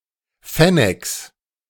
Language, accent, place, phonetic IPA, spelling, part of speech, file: German, Germany, Berlin, [ˈfɛnɛks], Fenneks, noun, De-Fenneks.ogg
- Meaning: 1. genitive singular of Fennek 2. plural of Fennek